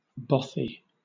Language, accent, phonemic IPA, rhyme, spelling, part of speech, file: English, Southern England, /ˈbɒθi/, -ɒθi, bothy, noun, LL-Q1860 (eng)-bothy.wav
- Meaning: 1. A small cottage or hut; specifically (Scotland), one often left unlocked for communal use in a remote, often mountainous, area by hikers, labourers, etc 2. A building for workers to rest in